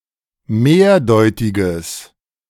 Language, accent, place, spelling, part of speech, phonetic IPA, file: German, Germany, Berlin, mehrdeutiges, adjective, [ˈmeːɐ̯ˌdɔɪ̯tɪɡəs], De-mehrdeutiges.ogg
- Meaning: strong/mixed nominative/accusative neuter singular of mehrdeutig